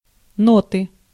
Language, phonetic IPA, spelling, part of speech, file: Russian, [ˈnotɨ], ноты, noun, Ru-ноты.ogg
- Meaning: 1. music, sheet music 2. inflection of но́та (nóta): genitive singular 3. inflection of но́та (nóta): nominative/accusative plural